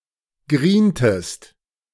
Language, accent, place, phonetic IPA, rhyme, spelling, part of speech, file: German, Germany, Berlin, [ˈɡʁiːntəst], -iːntəst, grientest, verb, De-grientest.ogg
- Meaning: inflection of grienen: 1. second-person singular preterite 2. second-person singular subjunctive II